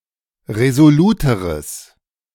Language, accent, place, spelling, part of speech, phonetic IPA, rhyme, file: German, Germany, Berlin, resoluteres, adjective, [ʁezoˈluːtəʁəs], -uːtəʁəs, De-resoluteres.ogg
- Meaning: strong/mixed nominative/accusative neuter singular comparative degree of resolut